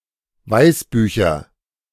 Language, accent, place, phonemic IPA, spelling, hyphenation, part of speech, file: German, Germany, Berlin, /ˈvaɪ̯sˌbyːçɐ/, Weißbücher, Weiß‧bü‧cher, noun, De-Weißbücher.ogg
- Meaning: nominative/accusative/genitive plural of Weißbuch